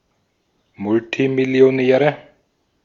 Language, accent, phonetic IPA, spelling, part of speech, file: German, Austria, [ˈmʊltimɪli̯oˌnɛːʁə], Multimillionäre, noun, De-at-Multimillionäre.ogg
- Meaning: nominative/accusative/genitive plural of Multimillionär